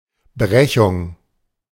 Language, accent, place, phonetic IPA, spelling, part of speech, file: German, Germany, Berlin, [ˈbʁɛçʊŋ], Brechung, noun, De-Brechung.ogg
- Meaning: 1. refraction (bending of any wave) 2. vowel breaking